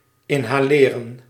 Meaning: 1. to inhale 2. to inhale (air, medicine or drugs), to consume by inhaling
- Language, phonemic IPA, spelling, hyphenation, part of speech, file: Dutch, /ˌɪn.ɦaːˈleː.rə(n)/, inhaleren, in‧ha‧le‧ren, verb, Nl-inhaleren.ogg